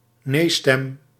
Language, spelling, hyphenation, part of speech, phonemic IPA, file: Dutch, nee-stem, nee-stem, noun, /ˈnestɛm/, Nl-nee-stem.ogg
- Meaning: nay vote